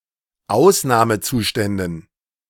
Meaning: dative plural of Ausnahmezustand
- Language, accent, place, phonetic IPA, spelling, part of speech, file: German, Germany, Berlin, [ˈaʊ̯snaːməˌt͡suːʃtɛndn̩], Ausnahmezuständen, noun, De-Ausnahmezuständen.ogg